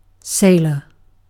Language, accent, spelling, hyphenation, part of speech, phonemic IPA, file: English, UK, sailor, sail‧or, noun, /ˈseɪ.lə/, En-uk-sailor.ogg
- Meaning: A person who sails; one whose occupation is sailing or navigating ships or other waterborne craft